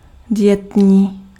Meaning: light (low in fat, calories, alcohol, salt, etc.)
- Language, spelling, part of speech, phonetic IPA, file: Czech, dietní, adjective, [ˈdɪjɛtɲiː], Cs-dietní.ogg